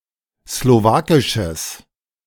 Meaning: strong/mixed nominative/accusative neuter singular of slowakisch
- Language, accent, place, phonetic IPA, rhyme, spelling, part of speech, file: German, Germany, Berlin, [sloˈvaːkɪʃəs], -aːkɪʃəs, slowakisches, adjective, De-slowakisches.ogg